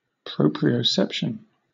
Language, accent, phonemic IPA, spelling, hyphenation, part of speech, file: English, Southern England, /ˌpɹəʊ.pɹi.əʊˈsɛp.ʃən/, proprioception, pro‧prio‧cep‧tion, noun, LL-Q1860 (eng)-proprioception.wav
- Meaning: The sense of the position of parts of the body, relative to other neighbouring parts of the body